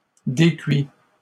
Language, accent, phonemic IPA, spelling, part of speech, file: French, Canada, /de.kɥi/, décuit, verb, LL-Q150 (fra)-décuit.wav
- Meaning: 1. past participle of décuire 2. third-person singular present indicative of décuire